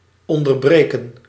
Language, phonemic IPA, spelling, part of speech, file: Dutch, /ˌɔn.dərˈbreː.kə(n)/, onderbreken, verb, Nl-onderbreken.ogg
- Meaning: to interrupt, disrupt, butt in